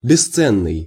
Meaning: priceless, invaluable
- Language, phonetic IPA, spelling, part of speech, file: Russian, [bʲɪˈst͡sɛnːɨj], бесценный, adjective, Ru-бесценный.ogg